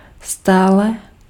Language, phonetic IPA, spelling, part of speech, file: Czech, [ˈstaːlɛ], stále, adverb, Cs-stále.ogg
- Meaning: 1. always, all the time 2. still (up to the time, no less than before)